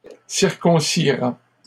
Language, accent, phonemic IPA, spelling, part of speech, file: French, Canada, /siʁ.kɔ̃.si.ʁa/, circoncira, verb, LL-Q150 (fra)-circoncira.wav
- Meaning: third-person singular simple future of circoncire